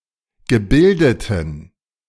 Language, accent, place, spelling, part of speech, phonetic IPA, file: German, Germany, Berlin, gebildeten, adjective, [ɡəˈbɪldətn̩], De-gebildeten.ogg
- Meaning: inflection of gebildet: 1. strong genitive masculine/neuter singular 2. weak/mixed genitive/dative all-gender singular 3. strong/weak/mixed accusative masculine singular 4. strong dative plural